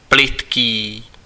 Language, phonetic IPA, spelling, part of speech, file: Czech, [ˈplɪtkiː], plytký, adjective, Cs-plytký.ogg
- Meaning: shallow